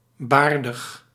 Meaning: bearded
- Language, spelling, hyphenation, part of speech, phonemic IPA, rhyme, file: Dutch, baardig, baar‧dig, adjective, /ˈbaːr.dəx/, -aːrdəx, Nl-baardig.ogg